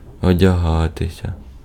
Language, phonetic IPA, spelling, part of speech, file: Ukrainian, [ɔdʲɐˈɦatesʲɐ], одягатися, verb, Uk-одягатися.ogg
- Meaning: to dress, to dress oneself, to clothe oneself, to get dressed